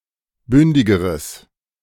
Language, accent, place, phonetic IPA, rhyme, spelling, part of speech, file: German, Germany, Berlin, [ˈbʏndɪɡəʁəs], -ʏndɪɡəʁəs, bündigeres, adjective, De-bündigeres.ogg
- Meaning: strong/mixed nominative/accusative neuter singular comparative degree of bündig